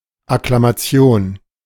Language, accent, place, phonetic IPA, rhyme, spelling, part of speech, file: German, Germany, Berlin, [aklamaˈt͡si̯oːn], -oːn, Akklamation, noun, De-Akklamation.ogg
- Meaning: acclamation